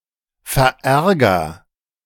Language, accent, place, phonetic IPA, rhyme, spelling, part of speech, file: German, Germany, Berlin, [fɛɐ̯ˈʔɛʁɡɐ], -ɛʁɡɐ, verärger, verb, De-verärger.ogg
- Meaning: inflection of verärgern: 1. first-person singular present 2. singular imperative